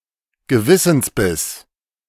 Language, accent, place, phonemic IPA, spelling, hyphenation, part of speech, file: German, Germany, Berlin, /ɡəˈvɪsn̩sˌbɪs/, Gewissensbiss, Ge‧wis‧sens‧biss, noun, De-Gewissensbiss.ogg
- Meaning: 1. pang of conscience 2. compunction